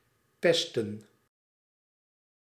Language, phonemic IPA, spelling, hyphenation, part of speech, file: Dutch, /ˈpɛs.tə(n)/, pesten, pes‧ten, noun / verb, Nl-pesten.ogg
- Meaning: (noun) the card game Mau Mau, similar to crazy eights; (verb) 1. to bully, to annoy 2. to tease 3. to play the card game Mau Mau